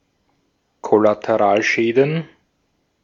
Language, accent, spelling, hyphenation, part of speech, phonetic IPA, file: German, Austria, Kollateralschäden, Kol‧la‧te‧ral‧schä‧den, noun, [ˌkɔlateˈʁaːlˌʃɛːdn̩], De-at-Kollateralschäden.ogg
- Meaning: plural of Kollateralschaden